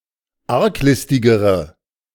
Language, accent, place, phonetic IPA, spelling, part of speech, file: German, Germany, Berlin, [ˈaʁkˌlɪstɪɡəʁə], arglistigere, adjective, De-arglistigere.ogg
- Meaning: inflection of arglistig: 1. strong/mixed nominative/accusative feminine singular comparative degree 2. strong nominative/accusative plural comparative degree